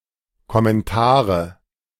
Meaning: nominative/accusative/genitive plural of Kommentar
- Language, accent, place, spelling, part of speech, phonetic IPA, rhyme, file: German, Germany, Berlin, Kommentare, noun, [kɔmɛnˈtaːʁə], -aːʁə, De-Kommentare.ogg